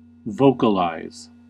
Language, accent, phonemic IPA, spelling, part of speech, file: English, US, /ˈvoʊ.kə.laɪz/, vocalize, verb, En-us-vocalize.ogg
- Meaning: 1. To express with the voice, to utter 2. To produce noises or calls from the throat 3. To sing without using words 4. To turn a consonant into a vowel 5. To make a sound voiced rather than voiceless